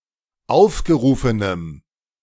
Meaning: strong dative masculine/neuter singular of aufgerufen
- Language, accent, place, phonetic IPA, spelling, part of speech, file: German, Germany, Berlin, [ˈaʊ̯fɡəˌʁuːfənəm], aufgerufenem, adjective, De-aufgerufenem.ogg